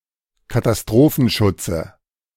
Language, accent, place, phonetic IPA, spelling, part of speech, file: German, Germany, Berlin, [kataˈstʁoːfn̩ˌʃʊt͡sə], Katastrophenschutze, noun, De-Katastrophenschutze.ogg
- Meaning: dative singular of Katastrophenschutz